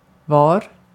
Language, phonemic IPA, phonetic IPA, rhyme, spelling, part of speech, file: Swedish, /vɑːr/, [vɒ̜ːr], -ɑːr, var, adverb / conjunction / determiner / verb / noun, Sv-var.ogg
- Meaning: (adverb) where; at which place; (conjunction) where; the situation in which; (determiner) 1. each, every (all, taken one at a time) 2. each (per person/thing involved)